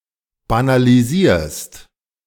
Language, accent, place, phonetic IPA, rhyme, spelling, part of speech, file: German, Germany, Berlin, [banaliˈziːɐ̯st], -iːɐ̯st, banalisierst, verb, De-banalisierst.ogg
- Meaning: second-person singular present of banalisieren